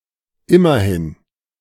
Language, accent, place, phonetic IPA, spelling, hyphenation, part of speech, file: German, Germany, Berlin, [ˈɪmɐˈhɪn], immerhin, im‧mer‧hin, adverb, De-immerhin.ogg
- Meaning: 1. after all (explaining another statement) 2. at least, anyway, on the bright side (describing a positive aspect of an otherwise unfortunate situation) 3. at least, a minimum of (a certain number)